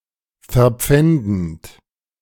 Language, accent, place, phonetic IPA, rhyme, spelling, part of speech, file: German, Germany, Berlin, [fɛɐ̯ˈp͡fɛndn̩t], -ɛndn̩t, verpfändend, verb, De-verpfändend.ogg
- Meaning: present participle of verpfänden